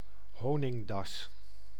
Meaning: ratel, honey badger (Mellivora capensis)
- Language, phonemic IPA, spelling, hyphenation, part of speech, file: Dutch, /ˈɦoː.nɪŋˌdɑs/, honingdas, ho‧ning‧das, noun, Nl-honingdas.ogg